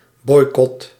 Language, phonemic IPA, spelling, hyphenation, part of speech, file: Dutch, /ˈbɔi̯.kɔt/, boycot, boy‧cot, noun / verb, Nl-boycot.ogg
- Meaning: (noun) boycott; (verb) inflection of boycotten: 1. first/second/third-person singular present indicative 2. imperative